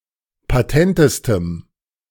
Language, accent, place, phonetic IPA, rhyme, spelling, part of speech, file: German, Germany, Berlin, [paˈtɛntəstəm], -ɛntəstəm, patentestem, adjective, De-patentestem.ogg
- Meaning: strong dative masculine/neuter singular superlative degree of patent